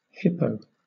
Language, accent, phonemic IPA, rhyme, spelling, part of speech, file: English, Southern England, /ˈhɪpəʊ/, -ɪpəʊ, hippo, noun, LL-Q1860 (eng)-hippo.wav
- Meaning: 1. Clipping of hippopotamus 2. An armored personnel carrier used by the South African Defence Force 3. An overweight or obese person 4. Hippopotamus Defence